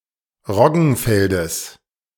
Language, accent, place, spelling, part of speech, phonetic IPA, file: German, Germany, Berlin, Roggenfeldes, noun, [ˈʁɔɡn̩ˌfɛldəs], De-Roggenfeldes.ogg
- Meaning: genitive singular of Roggenfeld